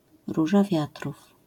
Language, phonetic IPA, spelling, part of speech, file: Polish, [ˈruʒa ˈvʲjatruf], róża wiatrów, noun, LL-Q809 (pol)-róża wiatrów.wav